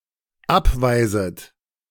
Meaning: second-person plural dependent subjunctive I of abweisen
- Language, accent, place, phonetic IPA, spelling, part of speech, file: German, Germany, Berlin, [ˈapˌvaɪ̯zət], abweiset, verb, De-abweiset.ogg